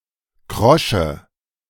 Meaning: inflection of krosch: 1. strong/mixed nominative/accusative feminine singular 2. strong nominative/accusative plural 3. weak nominative all-gender singular 4. weak accusative feminine/neuter singular
- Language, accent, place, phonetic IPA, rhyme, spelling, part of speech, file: German, Germany, Berlin, [ˈkʁɔʃə], -ɔʃə, krosche, adjective, De-krosche.ogg